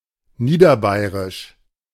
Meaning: Lower Bavarian
- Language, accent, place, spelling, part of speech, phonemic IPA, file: German, Germany, Berlin, niederbayerisch, adjective, /ˈniːdɐˌbaɪ̯ʁɪʃ/, De-niederbayerisch.ogg